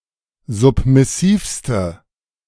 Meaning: inflection of submissiv: 1. strong/mixed nominative/accusative feminine singular superlative degree 2. strong nominative/accusative plural superlative degree
- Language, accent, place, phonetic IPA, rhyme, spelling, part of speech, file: German, Germany, Berlin, [ˌzʊpmɪˈsiːfstə], -iːfstə, submissivste, adjective, De-submissivste.ogg